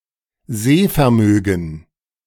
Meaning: eyesight (ability to see)
- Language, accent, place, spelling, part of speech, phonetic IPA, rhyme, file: German, Germany, Berlin, Sehvermögen, noun, [ˈzeːfɛɐ̯ˌmøːɡn̩], -eːfɛɐ̯møːɡn̩, De-Sehvermögen.ogg